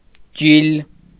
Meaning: 1. tendon, sinew 2. vein 3. muscle
- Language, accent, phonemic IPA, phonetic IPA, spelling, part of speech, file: Armenian, Eastern Armenian, /d͡ʒil/, [d͡ʒil], ջիլ, noun, Hy-ջիլ.ogg